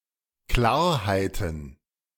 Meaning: plural of Klarheit
- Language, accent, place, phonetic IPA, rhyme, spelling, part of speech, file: German, Germany, Berlin, [ˈklaːɐ̯haɪ̯tn̩], -aːɐ̯haɪ̯tn̩, Klarheiten, noun, De-Klarheiten.ogg